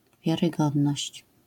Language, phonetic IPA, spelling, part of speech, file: Polish, [ˌvʲjarɨˈɡɔdnɔɕt͡ɕ], wiarygodność, noun, LL-Q809 (pol)-wiarygodność.wav